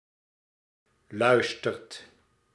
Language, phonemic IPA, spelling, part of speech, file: Dutch, /ˈlœystərt/, luistert, verb, Nl-luistert.ogg
- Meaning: inflection of luisteren: 1. second/third-person singular present indicative 2. plural imperative